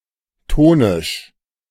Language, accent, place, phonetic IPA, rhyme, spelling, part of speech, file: German, Germany, Berlin, [ˈtoːnɪʃ], -oːnɪʃ, tonisch, adjective, De-tonisch.ogg
- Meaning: tonic